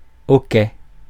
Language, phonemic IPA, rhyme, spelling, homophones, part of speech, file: French, /ɔ.kɛ/, -ɛ, hoquet, okay, noun, Fr-hoquet.ogg
- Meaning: hiccup (spasm of the diaphragm)